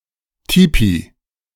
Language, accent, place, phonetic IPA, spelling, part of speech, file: German, Germany, Berlin, [ˈtiːpi], Tipi, noun, De-Tipi.ogg
- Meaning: tipi, teepee